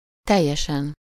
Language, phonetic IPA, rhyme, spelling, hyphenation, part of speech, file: Hungarian, [ˈtɛjːɛʃɛn], -ɛn, teljesen, tel‧je‧sen, adverb / adjective, Hu-teljesen.ogg
- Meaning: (adverb) completely, entirely, totally, wholly, fully; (adjective) superessive singular of teljes